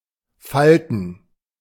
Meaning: to fold
- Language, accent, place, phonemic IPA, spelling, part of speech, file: German, Germany, Berlin, /ˈfaltən/, falten, verb, De-falten.ogg